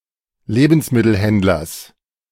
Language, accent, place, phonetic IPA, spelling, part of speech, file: German, Germany, Berlin, [ˈleːbn̩smɪtl̩ˌhɛndlɐs], Lebensmittelhändlers, noun, De-Lebensmittelhändlers.ogg
- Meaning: genitive singular of Lebensmittelhändler